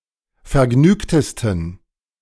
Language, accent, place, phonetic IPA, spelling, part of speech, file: German, Germany, Berlin, [fɛɐ̯ˈɡnyːktəstn̩], vergnügtesten, adjective, De-vergnügtesten.ogg
- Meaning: 1. superlative degree of vergnügt 2. inflection of vergnügt: strong genitive masculine/neuter singular superlative degree